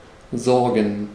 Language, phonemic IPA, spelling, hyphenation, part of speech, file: German, /ˈzɔrɡən/, sorgen, sor‧gen, verb, De-sorgen.ogg
- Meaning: 1. to take care of, to care for, to look after 2. to bring about, to ensure, to cause [with für (+ accusative) ‘something’] (a result or incident) 3. to worry, to be worried